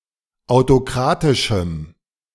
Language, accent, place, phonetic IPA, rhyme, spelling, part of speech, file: German, Germany, Berlin, [aʊ̯toˈkʁaːtɪʃm̩], -aːtɪʃm̩, autokratischem, adjective, De-autokratischem.ogg
- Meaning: strong dative masculine/neuter singular of autokratisch